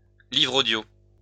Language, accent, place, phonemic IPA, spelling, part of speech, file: French, France, Lyon, /livʁ o.djo/, livre audio, noun, LL-Q150 (fra)-livre audio.wav
- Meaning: audiobook